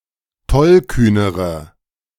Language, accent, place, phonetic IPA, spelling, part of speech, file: German, Germany, Berlin, [ˈtɔlˌkyːnəʁə], tollkühnere, adjective, De-tollkühnere.ogg
- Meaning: inflection of tollkühn: 1. strong/mixed nominative/accusative feminine singular comparative degree 2. strong nominative/accusative plural comparative degree